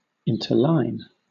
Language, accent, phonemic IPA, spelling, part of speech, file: English, Southern England, /ˌɪntə(ɹ)ˈlaɪn/, interline, verb, LL-Q1860 (eng)-interline.wav
- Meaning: 1. To write or insert between lines already written or printed, as for addition or correction 2. To arrange in alternate lines 3. To imprint or mark with lines